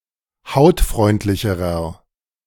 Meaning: inflection of hautfreundlich: 1. strong/mixed nominative masculine singular comparative degree 2. strong genitive/dative feminine singular comparative degree
- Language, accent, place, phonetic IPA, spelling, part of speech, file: German, Germany, Berlin, [ˈhaʊ̯tˌfʁɔɪ̯ntlɪçəʁɐ], hautfreundlicherer, adjective, De-hautfreundlicherer.ogg